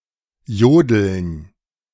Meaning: to yodel
- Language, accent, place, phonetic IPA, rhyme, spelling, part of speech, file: German, Germany, Berlin, [ˈjoːdl̩n], -oːdl̩n, jodeln, verb, De-jodeln.ogg